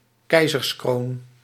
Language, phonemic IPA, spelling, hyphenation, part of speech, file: Dutch, /ˈkɛi̯.zərsˌkroːn/, keizerskroon, kei‧zers‧kroon, noun, Nl-keizerskroon.ogg
- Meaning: an imperial crown